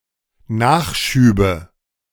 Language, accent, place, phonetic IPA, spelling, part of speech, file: German, Germany, Berlin, [ˈnaːxˌʃyːbə], Nachschübe, noun, De-Nachschübe.ogg
- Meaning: nominative/accusative/genitive plural of Nachschub